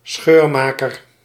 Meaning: one who sows or effects division; a divisive figure, seceder or schismatic
- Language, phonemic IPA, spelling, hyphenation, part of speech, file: Dutch, /ˈsxøːrˌmaː.kər/, scheurmaker, scheur‧ma‧ker, noun, Nl-scheurmaker.ogg